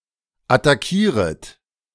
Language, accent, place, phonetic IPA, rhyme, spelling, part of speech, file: German, Germany, Berlin, [ataˈkiːʁət], -iːʁət, attackieret, verb, De-attackieret.ogg
- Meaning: second-person plural subjunctive I of attackieren